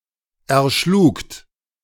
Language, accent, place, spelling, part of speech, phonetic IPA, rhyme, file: German, Germany, Berlin, erschlugt, verb, [ɛɐ̯ˈʃluːkt], -uːkt, De-erschlugt.ogg
- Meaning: second-person plural preterite of erschlagen